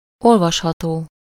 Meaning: 1. readable (text, book, etc. that can be read somewhere, in a specific location) 2. legible, readable (clear enough to be read)
- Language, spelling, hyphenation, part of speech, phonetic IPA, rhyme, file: Hungarian, olvasható, ol‧vas‧ha‧tó, adjective, [ˈolvɒʃhɒtoː], -toː, Hu-olvasható.ogg